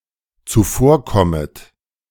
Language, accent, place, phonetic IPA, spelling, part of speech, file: German, Germany, Berlin, [t͡suˈfoːɐ̯ˌkɔmət], zuvorkommet, verb, De-zuvorkommet.ogg
- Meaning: second-person plural dependent subjunctive I of zuvorkommen